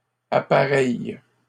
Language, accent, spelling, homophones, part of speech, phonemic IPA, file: French, Canada, appareille, appareillent / appareilles, verb, /a.pa.ʁɛj/, LL-Q150 (fra)-appareille.wav
- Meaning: inflection of appareiller: 1. first/third-person singular present indicative/subjunctive 2. second-person singular imperative